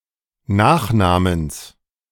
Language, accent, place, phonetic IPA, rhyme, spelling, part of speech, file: German, Germany, Berlin, [ˈnaːxˌnaːməns], -aːxnaːməns, Nachnamens, noun, De-Nachnamens.ogg
- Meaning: genitive singular of Nachname